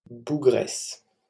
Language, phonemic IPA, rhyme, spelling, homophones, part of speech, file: French, /bu.ɡʁɛs/, -ɛs, bougresse, bougresses, noun, LL-Q150 (fra)-bougresse.wav
- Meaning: 1. trout (an objectionable elderly woman) 2. young, unmarried woman known for having a 'wild side' 3. female equivalent of bougre: girl, dudette, lass (term of address)